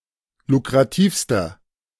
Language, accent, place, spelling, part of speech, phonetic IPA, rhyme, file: German, Germany, Berlin, lukrativster, adjective, [lukʁaˈtiːfstɐ], -iːfstɐ, De-lukrativster.ogg
- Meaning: inflection of lukrativ: 1. strong/mixed nominative masculine singular superlative degree 2. strong genitive/dative feminine singular superlative degree 3. strong genitive plural superlative degree